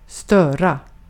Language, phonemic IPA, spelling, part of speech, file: Swedish, /²stœːra/, störa, verb, Sv-störa.ogg
- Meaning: 1. to disturb, to confuse or irritate, to interfere, to make noise 2. to put down poles into the ground